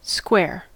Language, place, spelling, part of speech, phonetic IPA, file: English, California, square, noun / adjective / adverb / verb, [skwɛ˞], En-us-square.ogg
- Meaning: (noun) A polygon with four straight sides of equal length and four right angles; an equilateral rectangle; a regular quadrilateral